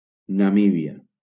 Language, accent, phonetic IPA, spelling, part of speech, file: Catalan, Valencia, [naˈmi.bi.a], Namíbia, proper noun, LL-Q7026 (cat)-Namíbia.wav
- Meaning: Namibia (a country in Southern Africa)